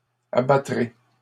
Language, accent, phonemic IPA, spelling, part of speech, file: French, Canada, /a.ba.tʁe/, abattrai, verb, LL-Q150 (fra)-abattrai.wav
- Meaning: first-person singular future of abattre